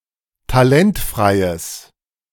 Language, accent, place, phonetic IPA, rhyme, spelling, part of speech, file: German, Germany, Berlin, [taˈlɛntfʁaɪ̯əs], -ɛntfʁaɪ̯əs, talentfreies, adjective, De-talentfreies.ogg
- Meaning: strong/mixed nominative/accusative neuter singular of talentfrei